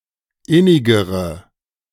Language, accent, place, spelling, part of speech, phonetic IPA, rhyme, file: German, Germany, Berlin, innigere, adjective, [ˈɪnɪɡəʁə], -ɪnɪɡəʁə, De-innigere.ogg
- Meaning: inflection of innig: 1. strong/mixed nominative/accusative feminine singular comparative degree 2. strong nominative/accusative plural comparative degree